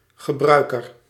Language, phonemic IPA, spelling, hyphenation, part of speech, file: Dutch, /ɣəˈbrœy̯.kər/, gebruiker, ge‧brui‧ker, noun, Nl-gebruiker.ogg
- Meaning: user